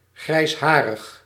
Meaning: grey-haired, having grey hair
- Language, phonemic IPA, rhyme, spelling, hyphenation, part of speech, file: Dutch, /ˌɣrɛi̯sˈɦaː.rəx/, -aːrəx, grijsharig, grijs‧ha‧rig, adjective, Nl-grijsharig.ogg